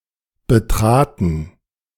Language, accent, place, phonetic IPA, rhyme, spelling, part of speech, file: German, Germany, Berlin, [bəˈtʁaːtn̩], -aːtn̩, betraten, verb, De-betraten.ogg
- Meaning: first/third-person plural preterite of betreten